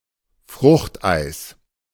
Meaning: sorbet
- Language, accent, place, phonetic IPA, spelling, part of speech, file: German, Germany, Berlin, [ˈfʁʊxtˌʔaɪ̯s], Fruchteis, noun, De-Fruchteis.ogg